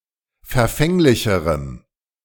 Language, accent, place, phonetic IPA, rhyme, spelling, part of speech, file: German, Germany, Berlin, [fɛɐ̯ˈfɛŋlɪçəʁəm], -ɛŋlɪçəʁəm, verfänglicherem, adjective, De-verfänglicherem.ogg
- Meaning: strong dative masculine/neuter singular comparative degree of verfänglich